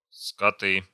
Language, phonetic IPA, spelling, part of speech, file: Russian, [skɐˈtɨ], скоты, noun, Ru-скоты.ogg
- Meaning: nominative plural of скот (skot)